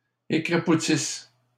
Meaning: inflection of écrapoutir: 1. first/third-person singular present subjunctive 2. first-person singular imperfect subjunctive
- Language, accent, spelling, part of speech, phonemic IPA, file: French, Canada, écrapoutisse, verb, /e.kʁa.pu.tis/, LL-Q150 (fra)-écrapoutisse.wav